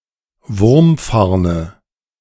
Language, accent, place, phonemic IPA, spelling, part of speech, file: German, Germany, Berlin, /ˈvʊʁmˌfaʁnə/, Wurmfarne, noun, De-Wurmfarne.ogg
- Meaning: nominative/accusative/genitive plural of Wurmfarn